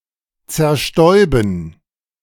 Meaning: to spray (to project a liquid in a disperse manner)
- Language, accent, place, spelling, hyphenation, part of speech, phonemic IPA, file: German, Germany, Berlin, zerstäuben, zer‧stäu‧ben, verb, /tsɛʁˈʃtɔʏ̯bən/, De-zerstäuben2.ogg